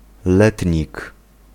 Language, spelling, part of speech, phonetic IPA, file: Polish, letnik, noun, [ˈlɛtʲɲik], Pl-letnik.ogg